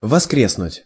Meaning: 1. to revive, to resurrect, to rise from the dead 2. to revive, to feel reanimated, to rise again 3. to revive, to come back
- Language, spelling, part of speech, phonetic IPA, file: Russian, воскреснуть, verb, [vɐˈskrʲesnʊtʲ], Ru-воскреснуть.ogg